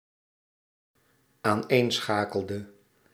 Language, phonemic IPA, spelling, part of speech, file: Dutch, /anˈensxakəldə/, aaneenschakelde, verb, Nl-aaneenschakelde.ogg
- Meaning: inflection of aaneenschakelen: 1. singular dependent-clause past indicative 2. singular dependent-clause past subjunctive